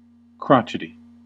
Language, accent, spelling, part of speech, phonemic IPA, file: English, US, crotchety, adjective, /ˈkɹɑ.t͡ʃɪ.ti/, En-us-crotchety.ogg
- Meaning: Cranky, disagreeable, or stubborn, especially if prone to odd whims or fancies